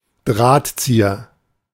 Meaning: string puller, puppet master, mastermind, svengali
- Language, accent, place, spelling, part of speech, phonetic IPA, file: German, Germany, Berlin, Drahtzieher, noun, [ˈdʁaːtˌt͡siːɐ], De-Drahtzieher.ogg